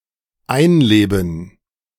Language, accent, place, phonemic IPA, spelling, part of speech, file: German, Germany, Berlin, /ˈaɪ̯nˌleːbn̩/, einleben, verb, De-einleben.ogg
- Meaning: to settle in